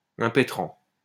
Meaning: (verb) present participle of impétrer; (noun) 1. recipient, grantee 2. applicant 3. utility
- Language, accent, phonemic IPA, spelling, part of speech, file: French, France, /ɛ̃.pe.tʁɑ̃/, impétrant, verb / noun, LL-Q150 (fra)-impétrant.wav